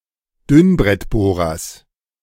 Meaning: genitive singular of Dünnbrettbohrer
- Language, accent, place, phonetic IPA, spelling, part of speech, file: German, Germany, Berlin, [ˈdʏnbʁɛtˌboːʁɐs], Dünnbrettbohrers, noun, De-Dünnbrettbohrers.ogg